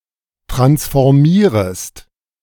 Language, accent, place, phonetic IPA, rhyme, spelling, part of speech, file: German, Germany, Berlin, [ˌtʁansfɔʁˈmiːʁəst], -iːʁəst, transformierest, verb, De-transformierest.ogg
- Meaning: second-person singular subjunctive I of transformieren